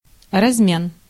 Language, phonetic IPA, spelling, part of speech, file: Russian, [rɐzˈmʲen], размен, noun, Ru-размен.ogg
- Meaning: 1. exchanging, changing, breaking (of money or other valuable items for smaller units) 2. exchange